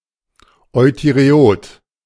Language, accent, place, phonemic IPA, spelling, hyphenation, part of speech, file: German, Germany, Berlin, /ˌɔɪ̯tyʁeˈoːt/, euthyreot, eu‧thy‧re‧ot, adjective, De-euthyreot.ogg
- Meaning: euthyroid, having normal thyroid function